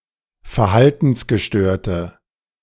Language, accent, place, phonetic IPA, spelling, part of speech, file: German, Germany, Berlin, [fɛɐ̯ˈhaltn̩sɡəˌʃtøːɐ̯tə], verhaltensgestörte, adjective, De-verhaltensgestörte.ogg
- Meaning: inflection of verhaltensgestört: 1. strong/mixed nominative/accusative feminine singular 2. strong nominative/accusative plural 3. weak nominative all-gender singular